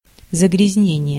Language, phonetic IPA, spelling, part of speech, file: Russian, [zəɡrʲɪzʲˈnʲenʲɪje], загрязнение, noun, Ru-загрязнение.ogg
- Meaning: soiling, pollution, contamination